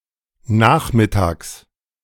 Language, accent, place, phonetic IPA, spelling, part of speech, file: German, Germany, Berlin, [ˈnaːxmɪˌtaːks], Nachmittags, noun, De-Nachmittags.ogg
- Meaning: genitive singular of Nachmittag